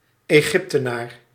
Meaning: an Egyptian
- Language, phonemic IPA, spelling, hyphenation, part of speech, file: Dutch, /eːˈɣɪp.təˌnaːr/, Egyptenaar, Egyp‧te‧naar, noun, Nl-Egyptenaar.ogg